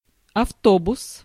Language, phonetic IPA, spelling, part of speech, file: Russian, [ɐfˈtobʊs], автобус, noun, Ru-автобус.ogg
- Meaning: bus, motorbus